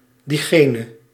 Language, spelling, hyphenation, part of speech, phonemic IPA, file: Dutch, diegene, die‧ge‧ne, pronoun, /ˌdiˈɣeː.nə/, Nl-diegene.ogg
- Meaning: he who, she who